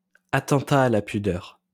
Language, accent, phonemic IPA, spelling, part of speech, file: French, France, /a.tɑ̃.ta a la py.dœʁ/, attentat à la pudeur, noun, LL-Q150 (fra)-attentat à la pudeur.wav
- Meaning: 1. indecent exposure 2. indecent assault